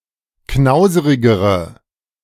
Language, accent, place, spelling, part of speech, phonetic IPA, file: German, Germany, Berlin, knauserigere, adjective, [ˈknaʊ̯zəʁɪɡəʁə], De-knauserigere.ogg
- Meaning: inflection of knauserig: 1. strong/mixed nominative/accusative feminine singular comparative degree 2. strong nominative/accusative plural comparative degree